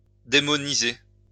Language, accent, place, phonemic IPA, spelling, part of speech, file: French, France, Lyon, /de.mɔ.ni.ze/, démoniser, verb, LL-Q150 (fra)-démoniser.wav
- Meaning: to demonize